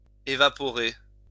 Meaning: 1. to evaporate 2. to vanish into thin air, to disappear
- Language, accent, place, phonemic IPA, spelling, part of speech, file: French, France, Lyon, /e.va.pɔ.ʁe/, évaporer, verb, LL-Q150 (fra)-évaporer.wav